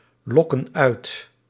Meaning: inflection of uitlokken: 1. plural present indicative 2. plural present subjunctive
- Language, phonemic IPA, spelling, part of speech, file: Dutch, /ˈlɔkə(n) ˈœyt/, lokken uit, verb, Nl-lokken uit.ogg